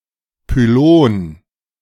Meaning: 1. traffic cone, pylon 2. pylon (a gateway to the inner part of an Ancient Egyptian temple) 3. pylon (the tower-like structure in suspension bridges)
- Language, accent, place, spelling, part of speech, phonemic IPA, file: German, Germany, Berlin, Pylon, noun, /pyˈloːn/, De-Pylon.ogg